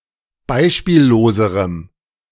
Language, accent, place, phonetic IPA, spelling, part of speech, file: German, Germany, Berlin, [ˈbaɪ̯ʃpiːlloːzəʁəm], beispielloserem, adjective, De-beispielloserem.ogg
- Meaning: strong dative masculine/neuter singular comparative degree of beispiellos